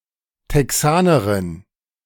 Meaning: a Texan (a female native or inhabitant of Texas)
- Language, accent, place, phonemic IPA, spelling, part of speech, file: German, Germany, Berlin, /tɛˈksaːnəʁɪn/, Texanerin, noun, De-Texanerin.ogg